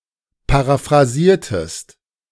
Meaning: inflection of paraphrasieren: 1. second-person singular preterite 2. second-person singular subjunctive II
- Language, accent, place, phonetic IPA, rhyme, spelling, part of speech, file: German, Germany, Berlin, [paʁafʁaˈziːɐ̯təst], -iːɐ̯təst, paraphrasiertest, verb, De-paraphrasiertest.ogg